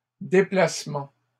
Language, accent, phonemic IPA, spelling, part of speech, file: French, Canada, /de.plas.mɑ̃/, déplacements, noun, LL-Q150 (fra)-déplacements.wav
- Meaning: plural of déplacement